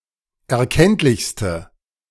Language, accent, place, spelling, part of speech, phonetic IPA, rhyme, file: German, Germany, Berlin, erkenntlichste, adjective, [ɛɐ̯ˈkɛntlɪçstə], -ɛntlɪçstə, De-erkenntlichste.ogg
- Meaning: inflection of erkenntlich: 1. strong/mixed nominative/accusative feminine singular superlative degree 2. strong nominative/accusative plural superlative degree